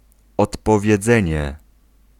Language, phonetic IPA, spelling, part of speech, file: Polish, [ˌɔtpɔvʲjɛˈd͡zɛ̃ɲɛ], odpowiedzenie, noun, Pl-odpowiedzenie.ogg